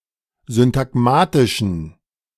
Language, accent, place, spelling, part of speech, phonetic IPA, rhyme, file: German, Germany, Berlin, syntagmatischen, adjective, [zʏntaˈɡmaːtɪʃn̩], -aːtɪʃn̩, De-syntagmatischen.ogg
- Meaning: inflection of syntagmatisch: 1. strong genitive masculine/neuter singular 2. weak/mixed genitive/dative all-gender singular 3. strong/weak/mixed accusative masculine singular 4. strong dative plural